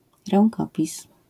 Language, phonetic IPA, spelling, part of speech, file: Polish, [rɛ̃ŋˈkɔpʲis], rękopis, noun, LL-Q809 (pol)-rękopis.wav